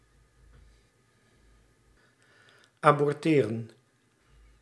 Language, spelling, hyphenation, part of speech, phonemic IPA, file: Dutch, aborteren, abor‧te‧ren, verb, /ˌaːbɔrˈteːrə(n)/, Nl-aborteren.ogg
- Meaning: to abort, to cause a premature termination of (a fetus)